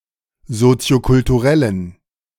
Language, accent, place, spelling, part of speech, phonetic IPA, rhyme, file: German, Germany, Berlin, soziokulturellen, adjective, [ˌzot͡si̯okʊltuˈʁɛlən], -ɛlən, De-soziokulturellen.ogg
- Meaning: inflection of soziokulturell: 1. strong genitive masculine/neuter singular 2. weak/mixed genitive/dative all-gender singular 3. strong/weak/mixed accusative masculine singular 4. strong dative plural